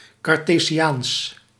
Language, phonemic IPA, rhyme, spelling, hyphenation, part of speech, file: Dutch, /kɑrˌteː.ziˈaːns/, -aːns, cartesiaans, car‧te‧si‧aans, adjective, Nl-cartesiaans.ogg
- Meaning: Cartesian